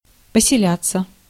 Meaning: 1. to settle, to take up one's residence/quarters, to make one's home 2. passive of поселя́ть (poseljátʹ)
- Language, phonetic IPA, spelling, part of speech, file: Russian, [pəsʲɪˈlʲat͡sːə], поселяться, verb, Ru-поселяться.ogg